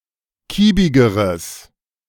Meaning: strong/mixed nominative/accusative neuter singular comparative degree of kiebig
- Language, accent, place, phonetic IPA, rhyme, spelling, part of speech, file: German, Germany, Berlin, [ˈkiːbɪɡəʁəs], -iːbɪɡəʁəs, kiebigeres, adjective, De-kiebigeres.ogg